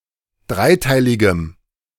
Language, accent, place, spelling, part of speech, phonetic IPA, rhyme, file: German, Germany, Berlin, dreiteiligem, adjective, [ˈdʁaɪ̯ˌtaɪ̯lɪɡəm], -aɪ̯taɪ̯lɪɡəm, De-dreiteiligem.ogg
- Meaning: strong dative masculine/neuter singular of dreiteilig